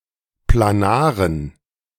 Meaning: inflection of planar: 1. strong genitive masculine/neuter singular 2. weak/mixed genitive/dative all-gender singular 3. strong/weak/mixed accusative masculine singular 4. strong dative plural
- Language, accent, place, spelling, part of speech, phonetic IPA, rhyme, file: German, Germany, Berlin, planaren, adjective, [plaˈnaːʁən], -aːʁən, De-planaren.ogg